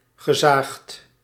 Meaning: past participle of zagen
- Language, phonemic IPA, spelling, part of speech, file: Dutch, /ɣəˈzaxt/, gezaagd, adjective / verb, Nl-gezaagd.ogg